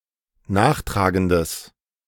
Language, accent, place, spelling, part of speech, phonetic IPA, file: German, Germany, Berlin, nachtragendes, adjective, [ˈnaːxˌtʁaːɡəndəs], De-nachtragendes.ogg
- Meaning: strong/mixed nominative/accusative neuter singular of nachtragend